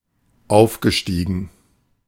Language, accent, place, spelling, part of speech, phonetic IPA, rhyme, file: German, Germany, Berlin, aufgestiegen, verb, [ˈaʊ̯fɡəˌʃtiːɡn̩], -aʊ̯fɡəʃtiːɡn̩, De-aufgestiegen.ogg
- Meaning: past participle of aufsteigen